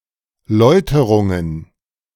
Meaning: plural of Läuterung
- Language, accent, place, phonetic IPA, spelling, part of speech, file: German, Germany, Berlin, [ˈlɔɪ̯təʁʊŋən], Läuterungen, noun, De-Läuterungen.ogg